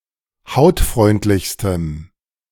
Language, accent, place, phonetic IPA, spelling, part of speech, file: German, Germany, Berlin, [ˈhaʊ̯tˌfʁɔɪ̯ntlɪçstəm], hautfreundlichstem, adjective, De-hautfreundlichstem.ogg
- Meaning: strong dative masculine/neuter singular superlative degree of hautfreundlich